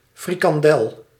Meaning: 1. a deep-fried snack mainly containing ground meat and bread crumbs, to some degree resembling a sausage 2. alternative form of frikadel
- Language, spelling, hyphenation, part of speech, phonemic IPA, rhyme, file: Dutch, frikandel, fri‧kan‧del, noun, /ˌfri.kɑnˈdɛl/, -ɛl, Nl-frikandel.ogg